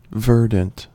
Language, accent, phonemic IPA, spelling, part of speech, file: English, US, /ˈvɜɹ.dənt/, verdant, adjective, En-us-verdant.ogg
- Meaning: 1. Green in colour 2. Abundant in verdure; lush with vegetation 3. Fresh 4. Inexperienced